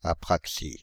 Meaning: apraxia
- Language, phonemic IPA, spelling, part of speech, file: French, /a.pʁak.si/, apraxie, noun, Fr-apraxie.ogg